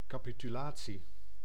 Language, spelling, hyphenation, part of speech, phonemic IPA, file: Dutch, capitulatie, ca‧pi‧tu‧la‧tie, noun, /ˌkaː.pi.tyˈlaː.(t)si/, Nl-capitulatie.ogg
- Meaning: 1. capitulation, act of surrendering 2. contract, treaty, agreement 3. electoral agreement stipulating conditions on the Holy Roman Emperor